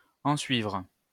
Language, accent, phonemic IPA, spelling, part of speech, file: French, France, /ɑ̃.sɥivʁ/, ensuivre, verb, LL-Q150 (fra)-ensuivre.wav
- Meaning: 1. to follow (to come after) 2. to follow, to come next 3. to ensue, to result, to come as a result